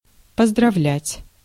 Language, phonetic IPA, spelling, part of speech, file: Russian, [pəzdrɐˈvlʲætʲ], поздравлять, verb, Ru-поздравлять.ogg
- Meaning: to congratulate, to felicitate